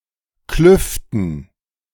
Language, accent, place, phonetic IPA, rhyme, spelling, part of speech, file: German, Germany, Berlin, [ˈklʏftn̩], -ʏftn̩, Klüften, noun, De-Klüften.ogg
- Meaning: dative plural of Kluft